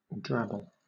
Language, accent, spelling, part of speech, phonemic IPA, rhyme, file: English, Southern England, drabble, verb / noun, /ˈdɹæbəl/, -æbəl, LL-Q1860 (eng)-drabble.wav
- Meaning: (verb) 1. To wet or dirty, especially by dragging through mud 2. To fish with a long line and rod; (noun) A short fictional story, typically in fan fiction, sometimes exactly 100 words long